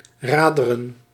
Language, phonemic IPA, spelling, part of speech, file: Dutch, /ˈraːdə.rə(n)/, raderen, noun, Nl-raderen.ogg
- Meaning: plural of rad